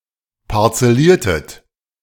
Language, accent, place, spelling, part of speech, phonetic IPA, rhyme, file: German, Germany, Berlin, parzelliertet, verb, [paʁt͡sɛˈliːɐ̯tət], -iːɐ̯tət, De-parzelliertet.ogg
- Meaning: inflection of parzellieren: 1. second-person plural preterite 2. second-person plural subjunctive II